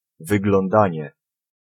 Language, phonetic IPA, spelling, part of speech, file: Polish, [ˌvɨɡlɔ̃nˈdãɲɛ], wyglądanie, noun, Pl-wyglądanie.ogg